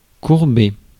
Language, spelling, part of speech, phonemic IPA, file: French, courber, verb, /kuʁ.be/, Fr-courber.ogg
- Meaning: 1. to bend (cause to become bent) 2. to bend (e.g. a rule) 3. to bend (become bent) 4. to bend 5. to bow, to bow down, to bend down, to bend over 6. to bend over backwards (be at another's will)